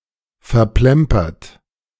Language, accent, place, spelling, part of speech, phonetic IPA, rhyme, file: German, Germany, Berlin, verplempert, verb, [fɛɐ̯ˈplɛmpɐt], -ɛmpɐt, De-verplempert.ogg
- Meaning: past participle of verplempern